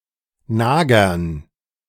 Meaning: genitive singular of Nager
- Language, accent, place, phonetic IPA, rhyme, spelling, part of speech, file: German, Germany, Berlin, [ˈnaːɡɐs], -aːɡɐs, Nagers, noun, De-Nagers.ogg